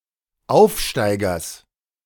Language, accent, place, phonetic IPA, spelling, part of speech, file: German, Germany, Berlin, [ˈaʊ̯fˌʃtaɪ̯ɡɐs], Aufsteigers, noun, De-Aufsteigers.ogg
- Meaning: genitive singular of Aufsteiger